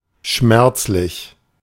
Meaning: painful, cruel
- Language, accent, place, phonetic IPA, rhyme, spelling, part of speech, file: German, Germany, Berlin, [ˈʃmɛʁt͡slɪç], -ɛʁt͡slɪç, schmerzlich, adjective, De-schmerzlich.ogg